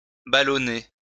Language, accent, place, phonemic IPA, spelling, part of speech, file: French, France, Lyon, /ba.lɔ.ne/, ballonner, verb, LL-Q150 (fra)-ballonner.wav
- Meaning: swell, swell up, bulge